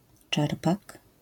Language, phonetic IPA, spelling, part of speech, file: Polish, [ˈt͡ʃɛrpak], czerpak, noun, LL-Q809 (pol)-czerpak.wav